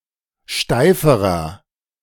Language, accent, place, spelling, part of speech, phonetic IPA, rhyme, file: German, Germany, Berlin, steiferer, adjective, [ˈʃtaɪ̯fəʁɐ], -aɪ̯fəʁɐ, De-steiferer.ogg
- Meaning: inflection of steif: 1. strong/mixed nominative masculine singular comparative degree 2. strong genitive/dative feminine singular comparative degree 3. strong genitive plural comparative degree